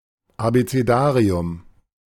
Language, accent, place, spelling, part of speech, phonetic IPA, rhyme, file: German, Germany, Berlin, Abecedarium, noun, [abet͡seˈdaːʁiʊm], -aːʁiʊm, De-Abecedarium.ogg
- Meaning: abecedarium